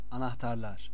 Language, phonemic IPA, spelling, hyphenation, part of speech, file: Turkish, /anahˈtaɾɫaɾ/, anahtarlar, a‧nah‧tar‧lar, noun, Anahtarlar.ogg
- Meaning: nominative plural of anahtar